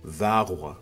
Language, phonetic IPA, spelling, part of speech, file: Kabardian, [vaːʁʷa], вагъуэ, noun, Vaːʁʷa.ogg
- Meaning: star